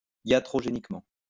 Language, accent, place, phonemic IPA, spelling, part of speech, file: French, France, Lyon, /ja.tʁɔ.ʒe.nik.mɑ̃/, iatrogéniquement, adverb, LL-Q150 (fra)-iatrogéniquement.wav
- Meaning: iatrogenically